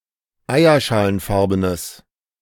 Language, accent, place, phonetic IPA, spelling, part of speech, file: German, Germany, Berlin, [ˈaɪ̯ɐʃaːlənˌfaʁbənəs], eierschalenfarbenes, adjective, De-eierschalenfarbenes.ogg
- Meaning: strong/mixed nominative/accusative neuter singular of eierschalenfarben